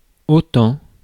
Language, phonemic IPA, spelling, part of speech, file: French, /o.tɑ̃/, autant, adverb, Fr-autant.ogg
- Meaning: 1. so much 2. just as well, might as well/may as well 3. the same, as much